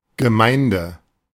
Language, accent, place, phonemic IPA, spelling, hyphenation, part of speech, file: German, Germany, Berlin, /ɡəˈmaɪ̯ndə/, Gemeinde, Ge‧mein‧de, noun, De-Gemeinde.ogg
- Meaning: 1. municipality 2. parish 3. church, congregation, assembly 4. community